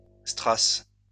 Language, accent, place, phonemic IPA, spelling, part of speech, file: French, France, Lyon, /stʁas/, strass, noun, LL-Q150 (fra)-strass.wav
- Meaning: paste, rhinestone (lead crystal used as gemstone)